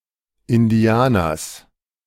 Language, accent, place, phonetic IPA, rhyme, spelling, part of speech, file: German, Germany, Berlin, [ɪnˈdi̯aːnɐs], -aːnɐs, Indianers, noun, De-Indianers.ogg
- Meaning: genitive singular of Indianer